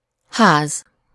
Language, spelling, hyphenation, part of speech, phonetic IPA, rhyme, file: Hungarian, ház, ház, noun, [ˈhaːz], -aːz, Hu-ház.ogg
- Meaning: 1. house, building (closed structure with walls and a roof) 2. home (the place of one’s dwelling, the house where one lives) 3. the residents of a house collectively